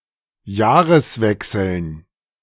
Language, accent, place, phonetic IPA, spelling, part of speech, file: German, Germany, Berlin, [ˈjaːʁəsˌvɛksl̩n], Jahreswechseln, noun, De-Jahreswechseln.ogg
- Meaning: dative plural of Jahreswechsel